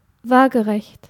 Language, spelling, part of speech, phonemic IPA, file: German, waagerecht, adjective, /ˈvaːɡəʁɛçt/, De-waagerecht.ogg
- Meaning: horizontal (parallel to the plane of the horizon)